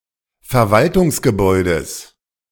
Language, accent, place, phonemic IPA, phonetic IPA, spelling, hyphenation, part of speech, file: German, Germany, Berlin, /fɛʁˈvaltʊŋsɡəˌbɔʏ̯dəs/, [fɛɐ̯ˈvaltʊŋsɡəˌbɔɪ̯dəs], Verwaltungsgebäudes, Ver‧wal‧tungs‧ge‧bäu‧des, noun, De-Verwaltungsgebäudes.ogg
- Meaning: genitive singular of Verwaltungsgebäude